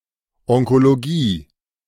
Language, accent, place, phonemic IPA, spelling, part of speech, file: German, Germany, Berlin, /ˌɔŋkoloˈɡiː/, Onkologie, noun, De-Onkologie.ogg
- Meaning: oncology (branch of medicine)